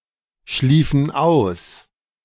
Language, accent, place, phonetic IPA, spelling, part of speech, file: German, Germany, Berlin, [ˌʃliːfn̩ ˈaʊ̯s], schliefen aus, verb, De-schliefen aus.ogg
- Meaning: inflection of ausschlafen: 1. first/third-person plural preterite 2. first/third-person plural subjunctive II